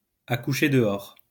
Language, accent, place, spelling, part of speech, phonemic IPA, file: French, France, Lyon, à coucher dehors, adjective, /a ku.ʃe də.ɔʁ/, LL-Q150 (fra)-à coucher dehors.wav
- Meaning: difficult to pronounce, to write or to remember; jawbreaking, crackjaw